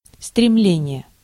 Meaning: aspiration, yearning (wistful or melancholy longing)
- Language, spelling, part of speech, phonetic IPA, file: Russian, стремление, noun, [strʲɪˈmlʲenʲɪje], Ru-стремление.ogg